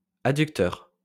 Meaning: adductor
- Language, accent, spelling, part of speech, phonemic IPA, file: French, France, adducteur, noun, /a.dyk.tœʁ/, LL-Q150 (fra)-adducteur.wav